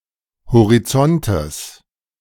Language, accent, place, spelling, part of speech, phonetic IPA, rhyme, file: German, Germany, Berlin, Horizontes, noun, [hoʁiˈt͡sɔntəs], -ɔntəs, De-Horizontes.ogg
- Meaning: genitive singular of Horizont